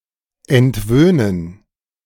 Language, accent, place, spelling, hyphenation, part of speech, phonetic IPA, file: German, Germany, Berlin, entwöhnen, ent‧wöh‧nen, verb, [ɛntˈvøːnən], De-entwöhnen.ogg
- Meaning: to wean